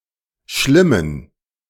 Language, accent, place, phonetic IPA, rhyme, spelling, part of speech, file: German, Germany, Berlin, [ˈʃlɪmən], -ɪmən, schlimmen, adjective, De-schlimmen.ogg
- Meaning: inflection of schlimm: 1. strong genitive masculine/neuter singular 2. weak/mixed genitive/dative all-gender singular 3. strong/weak/mixed accusative masculine singular 4. strong dative plural